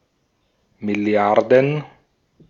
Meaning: plural of Milliarde
- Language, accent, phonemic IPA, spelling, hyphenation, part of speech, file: German, Austria, /mɪˈli̯aʁdən/, Milliarden, Mil‧li‧ar‧den, noun, De-at-Milliarden.ogg